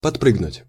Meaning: to jump up
- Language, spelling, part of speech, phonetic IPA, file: Russian, подпрыгнуть, verb, [pɐtˈprɨɡnʊtʲ], Ru-подпрыгнуть.ogg